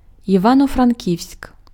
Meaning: Ivano-Frankivsk (a city, the administrative centre of Ivano-Frankivsk urban hromada, Ivano-Frankivsk Raion and Ivano-Frankivsk Oblast, Ukraine)
- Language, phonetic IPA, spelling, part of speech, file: Ukrainian, [iˌʋanɔ frɐnʲˈkʲiu̯sʲk], Івано-Франківськ, proper noun, Uk-Івано-Франківськ.oga